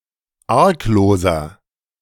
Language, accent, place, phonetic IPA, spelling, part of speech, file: German, Germany, Berlin, [ˈaʁkˌloːzɐ], argloser, adjective, De-argloser.ogg
- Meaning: 1. comparative degree of arglos 2. inflection of arglos: strong/mixed nominative masculine singular 3. inflection of arglos: strong genitive/dative feminine singular